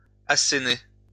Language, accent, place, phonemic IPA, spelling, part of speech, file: French, France, Lyon, /a.se.ne/, asséner, verb, LL-Q150 (fra)-asséner.wav
- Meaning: 1. to strike, hit, throw (punches at) 2. to hurl; throw (insults)